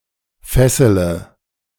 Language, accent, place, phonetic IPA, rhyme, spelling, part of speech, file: German, Germany, Berlin, [ˈfɛsələ], -ɛsələ, fessele, verb, De-fessele.ogg
- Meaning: inflection of fesseln: 1. first-person singular present 2. singular imperative 3. first/third-person singular subjunctive I